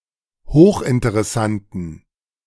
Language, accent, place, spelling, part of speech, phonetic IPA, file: German, Germany, Berlin, hochinteressanten, adjective, [ˈhoːxʔɪntəʁɛˌsantn̩], De-hochinteressanten.ogg
- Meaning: inflection of hochinteressant: 1. strong genitive masculine/neuter singular 2. weak/mixed genitive/dative all-gender singular 3. strong/weak/mixed accusative masculine singular 4. strong dative plural